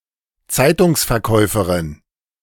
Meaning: newspaper vendor (a female person who sells newspapers)
- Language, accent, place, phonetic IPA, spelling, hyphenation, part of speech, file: German, Germany, Berlin, [ˈt͡saɪ̯tʊŋs.fɛɐ̯ˌkɔɪ̯fɐrɪn], Zeitungsverkäuferin, Zei‧tungs‧ver‧käu‧fe‧rin, noun, De-Zeitungsverkäuferin.ogg